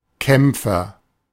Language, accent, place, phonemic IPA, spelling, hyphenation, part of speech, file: German, Germany, Berlin, /ˈkɛm(p)fər/, Kämpfer, Kämp‧fer, noun, De-Kämpfer.ogg
- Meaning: agent noun of kämpfen: fighter